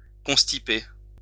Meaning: to constipate
- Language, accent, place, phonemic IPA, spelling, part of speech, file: French, France, Lyon, /kɔ̃s.ti.pe/, constiper, verb, LL-Q150 (fra)-constiper.wav